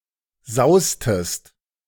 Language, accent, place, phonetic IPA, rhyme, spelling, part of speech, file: German, Germany, Berlin, [ˈzaʊ̯stəst], -aʊ̯stəst, saustest, verb, De-saustest.ogg
- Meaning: inflection of sausen: 1. second-person singular preterite 2. second-person singular subjunctive II